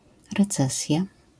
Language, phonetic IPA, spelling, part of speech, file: Polish, [rɛˈt͡sɛsʲja], recesja, noun, LL-Q809 (pol)-recesja.wav